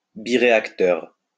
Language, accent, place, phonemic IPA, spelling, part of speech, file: French, France, Lyon, /bi.ʁe.ak.tœʁ/, biréacteur, noun, LL-Q150 (fra)-biréacteur.wav
- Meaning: twin-engined jet